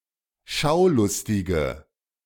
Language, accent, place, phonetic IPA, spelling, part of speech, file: German, Germany, Berlin, [ˈʃaʊ̯ˌlʊstɪɡə], Schaulustige, noun, De-Schaulustige.ogg
- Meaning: 1. female equivalent of Schaulustiger: female rubbernecker, female onlooker 2. inflection of Schaulustiger: weak nominative singular 3. inflection of Schaulustiger: strong nominative/accusative plural